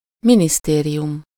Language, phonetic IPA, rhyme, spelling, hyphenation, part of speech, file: Hungarian, [ˈministeːrijum], -um, minisztérium, mi‧nisz‧té‧ri‧um, noun, Hu-minisztérium.ogg
- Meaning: 1. ministry (government department; the building itself; all the employees working there) 2. ministry (the complete body of government ministers)